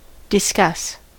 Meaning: 1. To converse or debate concerning a particular topic 2. To communicate, tell, or disclose (information, a message, etc.) 3. To break to pieces; to shatter
- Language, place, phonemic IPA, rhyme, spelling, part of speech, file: English, California, /dɪˈskʌs/, -ʌs, discuss, verb, En-us-discuss.ogg